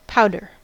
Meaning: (noun) The fine particles which are the result of reducing a dry substance by pounding, grinding, or triturating, or the result of decay; dust
- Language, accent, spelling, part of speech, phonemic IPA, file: English, US, powder, noun / verb, /ˈpaʊ.dɚ/, En-us-powder.ogg